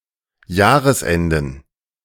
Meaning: plural of Jahresende
- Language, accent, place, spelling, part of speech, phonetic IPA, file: German, Germany, Berlin, Jahresenden, noun, [ˈjaːʁəsˌʔɛndn̩], De-Jahresenden.ogg